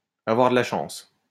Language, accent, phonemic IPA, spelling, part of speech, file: French, France, /a.vwaʁ də la ʃɑ̃s/, avoir de la chance, verb, LL-Q150 (fra)-avoir de la chance.wav
- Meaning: to be lucky, to be fortunate